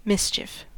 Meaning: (noun) 1. Conduct that playfully causes petty annoyance 2. A playfully annoying action 3. A nest or pack of mice or rats
- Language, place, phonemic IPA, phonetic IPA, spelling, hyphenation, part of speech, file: English, California, /ˈmɪs.t͡ʃɪf/, [ˈmɪs.t͡ʃʰɪf], mischief, mis‧chief, noun / verb, En-us-mischief.ogg